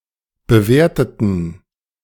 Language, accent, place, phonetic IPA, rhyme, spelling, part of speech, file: German, Germany, Berlin, [bəˈveːɐ̯tətn̩], -eːɐ̯tətn̩, bewerteten, adjective / verb, De-bewerteten.ogg
- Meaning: inflection of bewerten: 1. first/third-person plural preterite 2. first/third-person plural subjunctive II